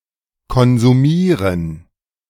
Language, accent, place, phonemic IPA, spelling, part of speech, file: German, Germany, Berlin, /kɔnzuˈmiːʁən/, konsumieren, verb, De-konsumieren.ogg
- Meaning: to consume